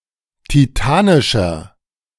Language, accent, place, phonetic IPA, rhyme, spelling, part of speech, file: German, Germany, Berlin, [tiˈtaːnɪʃɐ], -aːnɪʃɐ, titanischer, adjective, De-titanischer.ogg
- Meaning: 1. comparative degree of titanisch 2. inflection of titanisch: strong/mixed nominative masculine singular 3. inflection of titanisch: strong genitive/dative feminine singular